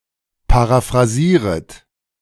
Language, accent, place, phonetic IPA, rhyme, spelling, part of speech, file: German, Germany, Berlin, [paʁafʁaˈziːʁət], -iːʁət, paraphrasieret, verb, De-paraphrasieret.ogg
- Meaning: second-person plural subjunctive I of paraphrasieren